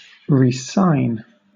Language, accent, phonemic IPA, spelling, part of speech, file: English, Southern England, /ɹiːˈsaɪn/, re-sign, verb, LL-Q1860 (eng)-re-sign.wav
- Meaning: 1. To sign again; to provide one's signature again 2. To sign a contract renewing or restarting a professional relationship, such as that of a professional athlete with a sports team